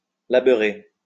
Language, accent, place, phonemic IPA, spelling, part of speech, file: French, France, Lyon, /la.bœ.ʁe/, labeurer, verb, LL-Q150 (fra)-labeurer.wav
- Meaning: to toil (struggle)